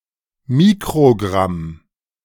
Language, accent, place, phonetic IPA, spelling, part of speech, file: German, Germany, Berlin, [ˈmiːkʁoˌɡʁam], Mikrogramm, noun, De-Mikrogramm.ogg
- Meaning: microgram